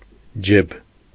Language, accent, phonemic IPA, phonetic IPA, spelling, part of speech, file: Armenian, Eastern Armenian, /d͡ʒeb/, [d͡ʒeb], ջեբ, noun, Hy-ջեբ.ogg
- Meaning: pocket